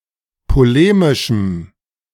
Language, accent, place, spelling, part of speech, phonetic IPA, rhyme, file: German, Germany, Berlin, polemischem, adjective, [poˈleːmɪʃm̩], -eːmɪʃm̩, De-polemischem.ogg
- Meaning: strong dative masculine/neuter singular of polemisch